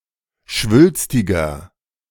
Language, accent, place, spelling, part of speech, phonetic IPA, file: German, Germany, Berlin, schwülstiger, adjective, [ˈʃvʏlstɪɡɐ], De-schwülstiger.ogg
- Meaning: 1. comparative degree of schwülstig 2. inflection of schwülstig: strong/mixed nominative masculine singular 3. inflection of schwülstig: strong genitive/dative feminine singular